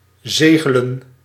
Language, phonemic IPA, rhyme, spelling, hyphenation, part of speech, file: Dutch, /ˈzeː.ɣə.lən/, -eːɣələn, zegelen, ze‧ge‧len, verb, Nl-zegelen.ogg
- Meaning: 1. to affix a seal or stamp 2. to affix a seal or stamp: notably as proof that a sealing tax is paid 3. to seal up, close, using (a) seal(s)